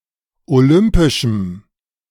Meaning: strong dative masculine/neuter singular of olympisch
- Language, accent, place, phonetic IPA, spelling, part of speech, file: German, Germany, Berlin, [oˈlʏmpɪʃm̩], olympischem, adjective, De-olympischem.ogg